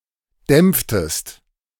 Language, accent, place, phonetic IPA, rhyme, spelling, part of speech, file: German, Germany, Berlin, [ˈdɛmp͡ftəst], -ɛmp͡ftəst, dämpftest, verb, De-dämpftest.ogg
- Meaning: inflection of dämpfen: 1. second-person singular preterite 2. second-person singular subjunctive II